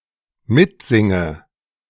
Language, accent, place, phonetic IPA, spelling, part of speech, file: German, Germany, Berlin, [ˈmɪtˌzɪŋə], mitsinge, verb, De-mitsinge.ogg
- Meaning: inflection of mitsingen: 1. first-person singular dependent present 2. first/third-person singular dependent subjunctive I